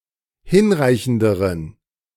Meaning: inflection of hinreichend: 1. strong genitive masculine/neuter singular comparative degree 2. weak/mixed genitive/dative all-gender singular comparative degree
- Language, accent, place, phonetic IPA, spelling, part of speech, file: German, Germany, Berlin, [ˈhɪnˌʁaɪ̯çn̩dəʁən], hinreichenderen, adjective, De-hinreichenderen.ogg